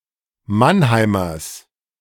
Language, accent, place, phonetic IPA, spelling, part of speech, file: German, Germany, Berlin, [ˈmanˌhaɪ̯mɐs], Mannheimers, noun, De-Mannheimers.ogg
- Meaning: genitive singular of Mannheimer